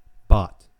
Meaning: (noun) The larva of a botfly, which infests the skin of various mammals, producing warbles, or the nasal passage of sheep, or the stomach of horses; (verb) To bugger
- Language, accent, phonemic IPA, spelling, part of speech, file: English, US, /bɑt/, bot, noun / verb, En-us-bot.ogg